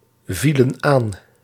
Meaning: inflection of aanvallen: 1. plural past indicative 2. plural past subjunctive
- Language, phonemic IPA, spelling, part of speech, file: Dutch, /ˈvilə(n) ˈan/, vielen aan, verb, Nl-vielen aan.ogg